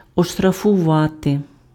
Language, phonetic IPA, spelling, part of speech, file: Ukrainian, [ɔʃtrɐfʊˈʋate], оштрафувати, verb, Uk-оштрафувати.ogg
- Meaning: to fine (impose a financial penalty on)